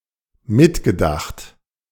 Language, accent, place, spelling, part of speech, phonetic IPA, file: German, Germany, Berlin, mitgedacht, verb, [ˈmɪtɡəˌdaxt], De-mitgedacht.ogg
- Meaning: past participle of mitdenken